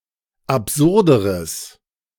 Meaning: strong/mixed nominative/accusative neuter singular comparative degree of absurd
- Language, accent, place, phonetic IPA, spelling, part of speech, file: German, Germany, Berlin, [apˈzʊʁdəʁəs], absurderes, adjective, De-absurderes.ogg